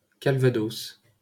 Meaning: Calvados (a department of Normandy, France)
- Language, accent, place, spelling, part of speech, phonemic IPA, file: French, France, Paris, Calvados, proper noun, /kal.va.dos/, LL-Q150 (fra)-Calvados.wav